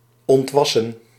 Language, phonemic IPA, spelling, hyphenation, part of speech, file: Dutch, /ˌɔntˈʋɑ.sə(n)/, ontwassen, ont‧was‧sen, verb, Nl-ontwassen.ogg
- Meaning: to outgrow, to become too mature for